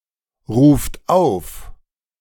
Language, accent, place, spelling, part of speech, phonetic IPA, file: German, Germany, Berlin, ruft auf, verb, [ˌʁuːft ˈaʊ̯f], De-ruft auf.ogg
- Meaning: second-person plural present of aufrufen